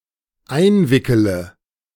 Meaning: inflection of einwickeln: 1. first-person singular dependent present 2. first/third-person singular dependent subjunctive I
- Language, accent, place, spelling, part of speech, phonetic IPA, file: German, Germany, Berlin, einwickele, verb, [ˈaɪ̯nˌvɪkələ], De-einwickele.ogg